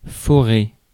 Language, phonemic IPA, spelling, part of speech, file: French, /fɔ.ʁe/, forer, verb, Fr-forer.ogg
- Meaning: to bore; to drill (to make a hole)